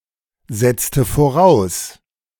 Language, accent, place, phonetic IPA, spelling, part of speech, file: German, Germany, Berlin, [ˌzɛt͡stə foˈʁaʊ̯s], setzte voraus, verb, De-setzte voraus.ogg
- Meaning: inflection of voraussetzen: 1. first/third-person singular preterite 2. first/third-person singular subjunctive II